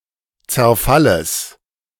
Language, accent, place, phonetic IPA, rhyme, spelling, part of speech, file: German, Germany, Berlin, [t͡sɛɐ̯ˈfaləs], -aləs, Zerfalles, noun, De-Zerfalles.ogg
- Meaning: genitive singular of Zerfall